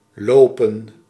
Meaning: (verb) 1. to run, go fast on one's own legs 2. to run, cover distance, follow a track etc 3. to walk, go somewhere regardless of speed 4. to walk in general
- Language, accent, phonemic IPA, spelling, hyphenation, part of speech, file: Dutch, Netherlands, /ˈloːpə(n)/, lopen, lo‧pen, verb / noun, Nl-lopen.ogg